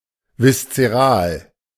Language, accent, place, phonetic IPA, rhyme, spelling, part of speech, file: German, Germany, Berlin, [vɪst͡səˈʁaːl], -aːl, viszeral, adjective, De-viszeral.ogg
- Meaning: visceral